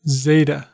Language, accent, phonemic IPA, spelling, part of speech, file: English, US, /ˈzeɪtə/, zeta, noun, En-us-zeta.ogg